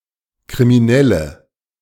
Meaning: inflection of kriminell: 1. strong/mixed nominative/accusative feminine singular 2. strong nominative/accusative plural 3. weak nominative all-gender singular
- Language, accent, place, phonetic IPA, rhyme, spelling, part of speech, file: German, Germany, Berlin, [kʁimiˈnɛlə], -ɛlə, kriminelle, adjective, De-kriminelle.ogg